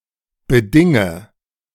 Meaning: inflection of bedingen: 1. first-person singular present 2. first/third-person singular subjunctive I 3. singular imperative
- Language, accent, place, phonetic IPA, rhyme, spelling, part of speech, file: German, Germany, Berlin, [bəˈdɪŋə], -ɪŋə, bedinge, verb, De-bedinge.ogg